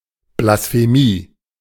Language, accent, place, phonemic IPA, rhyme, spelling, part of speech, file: German, Germany, Berlin, /blasfeˈmiː/, -iː, Blasphemie, noun, De-Blasphemie.ogg
- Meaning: blasphemy